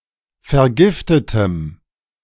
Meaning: strong dative masculine/neuter singular of vergiftet
- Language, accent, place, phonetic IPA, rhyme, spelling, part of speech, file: German, Germany, Berlin, [fɛɐ̯ˈɡɪftətəm], -ɪftətəm, vergiftetem, adjective, De-vergiftetem.ogg